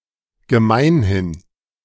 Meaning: commonly
- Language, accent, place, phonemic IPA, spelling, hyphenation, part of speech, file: German, Germany, Berlin, /ɡəˈmaɪ̯nhɪn/, gemeinhin, ge‧mein‧hin, adverb, De-gemeinhin.ogg